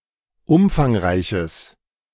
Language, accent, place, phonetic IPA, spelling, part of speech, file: German, Germany, Berlin, [ˈʊmfaŋˌʁaɪ̯çəs], umfangreiches, adjective, De-umfangreiches.ogg
- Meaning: strong/mixed nominative/accusative neuter singular of umfangreich